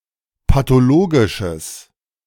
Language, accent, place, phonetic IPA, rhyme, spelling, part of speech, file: German, Germany, Berlin, [patoˈloːɡɪʃəs], -oːɡɪʃəs, pathologisches, adjective, De-pathologisches.ogg
- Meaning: strong/mixed nominative/accusative neuter singular of pathologisch